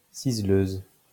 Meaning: female equivalent of ciseleur
- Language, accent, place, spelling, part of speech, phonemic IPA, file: French, France, Lyon, ciseleuse, noun, /siz.løz/, LL-Q150 (fra)-ciseleuse.wav